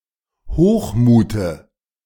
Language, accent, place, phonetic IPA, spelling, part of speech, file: German, Germany, Berlin, [ˈhoːxˌmuːtə], Hochmute, noun, De-Hochmute.ogg
- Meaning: dative singular of Hochmut